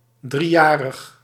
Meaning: three-year-old
- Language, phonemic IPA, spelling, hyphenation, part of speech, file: Dutch, /ˌdriˈjaː.rəx/, driejarig, drie‧ja‧rig, adjective, Nl-driejarig.ogg